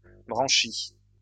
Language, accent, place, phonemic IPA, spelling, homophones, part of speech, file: French, France, Lyon, /bʁɑ̃.ʃi/, branchies, branchie, noun, LL-Q150 (fra)-branchies.wav
- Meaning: plural of branchie